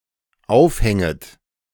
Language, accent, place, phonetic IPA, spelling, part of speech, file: German, Germany, Berlin, [ˈaʊ̯fˌhɛŋət], aufhänget, verb, De-aufhänget.ogg
- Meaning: second-person plural dependent subjunctive I of aufhängen